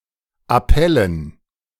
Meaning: dative plural of Appell
- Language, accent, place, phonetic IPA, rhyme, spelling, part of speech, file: German, Germany, Berlin, [aˈpɛlən], -ɛlən, Appellen, noun, De-Appellen.ogg